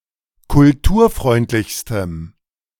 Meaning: strong dative masculine/neuter singular superlative degree of kulturfreundlich
- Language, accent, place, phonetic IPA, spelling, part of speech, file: German, Germany, Berlin, [kʊlˈtuːɐ̯ˌfʁɔɪ̯ntlɪçstəm], kulturfreundlichstem, adjective, De-kulturfreundlichstem.ogg